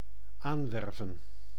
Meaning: to recruit, to hire
- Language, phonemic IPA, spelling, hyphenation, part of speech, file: Dutch, /ˈaːnˌʋɛr.və(n)/, aanwerven, aan‧wer‧ven, verb, Nl-aanwerven.ogg